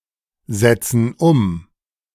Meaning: inflection of umsetzen: 1. first/third-person plural present 2. first/third-person plural subjunctive I
- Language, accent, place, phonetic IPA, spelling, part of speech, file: German, Germany, Berlin, [ˌzɛt͡sn̩ ˈʊm], setzen um, verb, De-setzen um.ogg